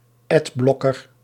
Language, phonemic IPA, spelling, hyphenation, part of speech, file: Dutch, /ˈɛdˌblɔ.kər/, adblocker, ad‧bloc‧ker, noun, Nl-adblocker.ogg
- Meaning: adblocker